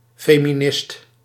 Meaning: feminist
- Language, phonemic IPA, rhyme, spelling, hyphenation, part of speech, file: Dutch, /ˌfeː.miˈnɪst/, -ɪst, feminist, fe‧mi‧nist, noun, Nl-feminist.ogg